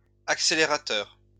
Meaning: plural of accélérateur
- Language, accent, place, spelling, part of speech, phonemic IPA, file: French, France, Lyon, accélérateurs, noun, /ak.se.le.ʁa.tœʁ/, LL-Q150 (fra)-accélérateurs.wav